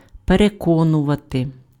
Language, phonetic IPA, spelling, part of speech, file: Ukrainian, [pereˈkɔnʊʋɐte], переконувати, verb, Uk-переконувати.ogg
- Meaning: to convince, to persuade (make someone believe or feel sure about something)